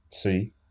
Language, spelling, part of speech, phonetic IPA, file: Russian, цы, noun, [t͡sɨ], Ru-цы.ogg
- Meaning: Name of the Cyrillic letter Ц, ц, called цэ (cɛ) in modern Russian